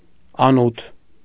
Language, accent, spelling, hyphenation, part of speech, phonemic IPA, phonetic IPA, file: Armenian, Eastern Armenian, անութ, ա‧նութ, noun, /ɑˈnutʰ/, [ɑnútʰ], Hy-անութ.ogg
- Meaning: armpit